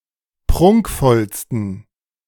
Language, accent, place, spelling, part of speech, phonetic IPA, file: German, Germany, Berlin, prunkvollsten, adjective, [ˈpʁʊŋkfɔlstn̩], De-prunkvollsten.ogg
- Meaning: 1. superlative degree of prunkvoll 2. inflection of prunkvoll: strong genitive masculine/neuter singular superlative degree